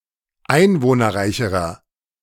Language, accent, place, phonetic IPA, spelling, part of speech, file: German, Germany, Berlin, [ˈaɪ̯nvoːnɐˌʁaɪ̯çəʁɐ], einwohnerreicherer, adjective, De-einwohnerreicherer.ogg
- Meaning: inflection of einwohnerreich: 1. strong/mixed nominative masculine singular comparative degree 2. strong genitive/dative feminine singular comparative degree